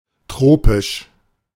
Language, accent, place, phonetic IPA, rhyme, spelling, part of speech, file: German, Germany, Berlin, [ˈtʁoːpɪʃ], -oːpɪʃ, tropisch, adjective, De-tropisch.ogg
- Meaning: tropical (relating to the tropics, or to tropes)